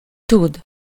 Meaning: 1. to know (to be aware of some information) 2. can, to be able, know how to 3. to know (to be acquainted or familiar with)
- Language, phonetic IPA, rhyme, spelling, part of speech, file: Hungarian, [ˈtud], -ud, tud, verb, Hu-tud.ogg